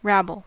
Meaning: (verb) 1. To speak in a confused manner; talk incoherently; utter nonsense 2. To speak confusedly or incoherently; gabble or chatter out; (noun) A bewildered or meaningless string of words
- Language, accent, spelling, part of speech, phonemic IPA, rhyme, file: English, US, rabble, verb / noun, /ˈɹæbəl/, -æbəl, En-us-rabble.ogg